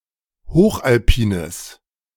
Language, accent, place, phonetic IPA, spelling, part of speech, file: German, Germany, Berlin, [ˈhoːxʔalˌpiːnəs], hochalpines, adjective, De-hochalpines.ogg
- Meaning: strong/mixed nominative/accusative neuter singular of hochalpin